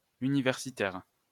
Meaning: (adjective) university; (noun) 1. university student or employee 2. university graduate
- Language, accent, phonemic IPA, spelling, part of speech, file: French, France, /y.ni.vɛʁ.si.tɛʁ/, universitaire, adjective / noun, LL-Q150 (fra)-universitaire.wav